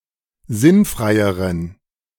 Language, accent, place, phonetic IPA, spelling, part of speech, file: German, Germany, Berlin, [ˈzɪnˌfʁaɪ̯əʁən], sinnfreieren, adjective, De-sinnfreieren.ogg
- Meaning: inflection of sinnfrei: 1. strong genitive masculine/neuter singular comparative degree 2. weak/mixed genitive/dative all-gender singular comparative degree